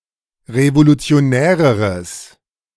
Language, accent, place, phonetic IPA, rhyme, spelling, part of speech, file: German, Germany, Berlin, [ʁevolut͡si̯oˈnɛːʁəʁəs], -ɛːʁəʁəs, revolutionäreres, adjective, De-revolutionäreres.ogg
- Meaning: strong/mixed nominative/accusative neuter singular comparative degree of revolutionär